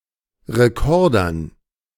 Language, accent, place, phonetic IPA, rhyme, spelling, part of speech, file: German, Germany, Berlin, [ʁeˈkɔʁdɐn], -ɔʁdɐn, Rekordern, noun, De-Rekordern.ogg
- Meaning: dative plural of Rekorder